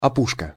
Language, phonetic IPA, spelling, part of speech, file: Russian, [ɐˈpuʂkə], опушка, noun, Ru-опушка.ogg
- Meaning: 1. forest border, forest edge 2. fur trimming, edging